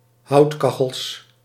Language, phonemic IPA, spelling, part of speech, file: Dutch, /ˈhɑutkɑxəls/, houtkachels, noun, Nl-houtkachels.ogg
- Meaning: plural of houtkachel